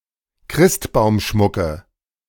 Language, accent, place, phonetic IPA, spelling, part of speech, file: German, Germany, Berlin, [ˈkʁɪstbaʊ̯mˌʃmʊkə], Christbaumschmucke, noun, De-Christbaumschmucke.ogg
- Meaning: nominative/accusative/genitive plural of Christbaumschmuck